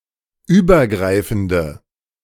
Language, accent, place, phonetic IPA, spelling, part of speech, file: German, Germany, Berlin, [ˈyːbɐˌɡʁaɪ̯fn̩də], übergreifende, adjective, De-übergreifende.ogg
- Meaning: inflection of übergreifend: 1. strong/mixed nominative/accusative feminine singular 2. strong nominative/accusative plural 3. weak nominative all-gender singular